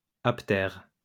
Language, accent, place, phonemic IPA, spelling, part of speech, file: French, France, Lyon, /ap.tɛʁ/, aptère, noun / adjective, LL-Q150 (fra)-aptère.wav
- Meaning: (noun) apteran; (adjective) apterous